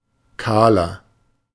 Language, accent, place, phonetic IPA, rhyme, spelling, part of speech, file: German, Germany, Berlin, [ˈkaːlɐ], -aːlɐ, kahler, adjective, De-kahler.ogg
- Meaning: 1. comparative degree of kahl 2. inflection of kahl: strong/mixed nominative masculine singular 3. inflection of kahl: strong genitive/dative feminine singular